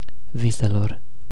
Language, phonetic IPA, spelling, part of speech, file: Romanian, [ˈvi.se.lor], viselor, noun, Ro-viselor.ogg
- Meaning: inflection of vis: 1. definite genitive/dative plural 2. vocative plural